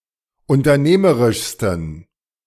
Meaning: 1. superlative degree of unternehmerisch 2. inflection of unternehmerisch: strong genitive masculine/neuter singular superlative degree
- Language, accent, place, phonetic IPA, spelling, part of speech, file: German, Germany, Berlin, [ʊntɐˈneːməʁɪʃstn̩], unternehmerischsten, adjective, De-unternehmerischsten.ogg